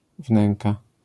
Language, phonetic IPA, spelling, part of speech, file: Polish, [ˈvnɛ̃ŋka], wnęka, noun, LL-Q809 (pol)-wnęka.wav